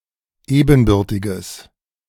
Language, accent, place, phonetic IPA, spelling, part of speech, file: German, Germany, Berlin, [ˈeːbn̩ˌbʏʁtɪɡəs], ebenbürtiges, adjective, De-ebenbürtiges.ogg
- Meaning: strong/mixed nominative/accusative neuter singular of ebenbürtig